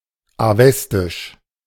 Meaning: Avestan (of or pertaining to Avesta or to the Avestan language)
- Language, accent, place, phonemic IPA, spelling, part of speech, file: German, Germany, Berlin, /aˈvɛstɪʃ/, avestisch, adjective, De-avestisch.ogg